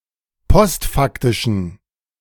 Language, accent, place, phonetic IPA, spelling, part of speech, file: German, Germany, Berlin, [ˈpɔstˌfaktɪʃn̩], postfaktischen, adjective, De-postfaktischen.ogg
- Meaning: inflection of postfaktisch: 1. strong genitive masculine/neuter singular 2. weak/mixed genitive/dative all-gender singular 3. strong/weak/mixed accusative masculine singular 4. strong dative plural